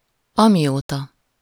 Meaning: since (from the time that)
- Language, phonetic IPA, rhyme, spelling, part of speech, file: Hungarian, [ˈɒmijoːtɒ], -tɒ, amióta, adverb, Hu-amióta.ogg